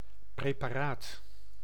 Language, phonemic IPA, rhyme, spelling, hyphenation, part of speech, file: Dutch, /ˌpreː.paːˈraːt/, -aːt, preparaat, pre‧pa‧raat, noun, Nl-preparaat.ogg
- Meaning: a preparation (preserved specimen, prepared sample)